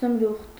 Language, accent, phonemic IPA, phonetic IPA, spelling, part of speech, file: Armenian, Eastern Armenian, /zəmˈɾuχt/, [zəmɾúχt], զմրուխտ, noun, Hy-զմրուխտ.ogg
- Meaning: emerald